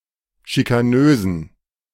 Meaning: inflection of schikanös: 1. strong genitive masculine/neuter singular 2. weak/mixed genitive/dative all-gender singular 3. strong/weak/mixed accusative masculine singular 4. strong dative plural
- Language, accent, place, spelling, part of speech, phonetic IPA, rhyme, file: German, Germany, Berlin, schikanösen, adjective, [ʃikaˈnøːzn̩], -øːzn̩, De-schikanösen.ogg